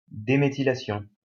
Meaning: demethylation
- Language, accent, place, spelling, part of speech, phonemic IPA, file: French, France, Lyon, déméthylation, noun, /de.me.ti.la.sjɔ̃/, LL-Q150 (fra)-déméthylation.wav